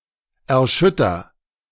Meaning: inflection of erschüttern: 1. first-person singular present 2. singular imperative
- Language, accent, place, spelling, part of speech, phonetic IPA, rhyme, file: German, Germany, Berlin, erschütter, verb, [ɛɐ̯ˈʃʏtɐ], -ʏtɐ, De-erschütter.ogg